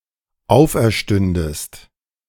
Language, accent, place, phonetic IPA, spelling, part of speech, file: German, Germany, Berlin, [ˈaʊ̯fʔɛɐ̯ˌʃtʏndəst], auferstündest, verb, De-auferstündest.ogg
- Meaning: second-person singular dependent subjunctive II of auferstehen